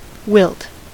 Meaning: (verb) 1. To droop or become limp and flaccid (as a dying leaf or flower) 2. To fatigue; to lose strength; to flag 3. To cause to droop or become limp and flaccid (as a flower)
- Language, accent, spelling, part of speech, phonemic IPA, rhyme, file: English, US, wilt, verb / noun, /wɪlt/, -ɪlt, En-us-wilt.ogg